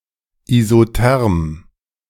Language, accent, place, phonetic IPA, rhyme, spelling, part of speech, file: German, Germany, Berlin, [izoˈtɛʁm], -ɛʁm, isotherm, adjective, De-isotherm.ogg
- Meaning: 1. isothermic 2. isothermal